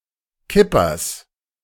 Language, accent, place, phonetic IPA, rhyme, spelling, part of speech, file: German, Germany, Berlin, [ˈkɪpɐs], -ɪpɐs, Kippers, noun, De-Kippers.ogg
- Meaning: genitive of Kipper